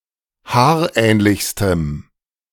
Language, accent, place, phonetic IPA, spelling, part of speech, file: German, Germany, Berlin, [ˈhaːɐ̯ˌʔɛːnlɪçstəm], haarähnlichstem, adjective, De-haarähnlichstem.ogg
- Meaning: strong dative masculine/neuter singular superlative degree of haarähnlich